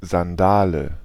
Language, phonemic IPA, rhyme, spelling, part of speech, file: German, /zanˈdaːlə/, -aːlə, Sandale, noun, De-Sandale.ogg
- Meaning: sandal